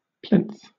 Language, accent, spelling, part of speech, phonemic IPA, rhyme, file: English, Southern England, plinth, noun, /plɪnθ/, -ɪnθ, LL-Q1860 (eng)-plinth.wav
- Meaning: 1. A block or slab upon which a column, pedestal, statue or other structure is based 2. The bottom course of a wall 3. A base or pedestal beneath a cabinet